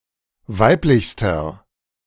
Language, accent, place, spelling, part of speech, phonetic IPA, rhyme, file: German, Germany, Berlin, weiblichster, adjective, [ˈvaɪ̯plɪçstɐ], -aɪ̯plɪçstɐ, De-weiblichster.ogg
- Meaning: inflection of weiblich: 1. strong/mixed nominative masculine singular superlative degree 2. strong genitive/dative feminine singular superlative degree 3. strong genitive plural superlative degree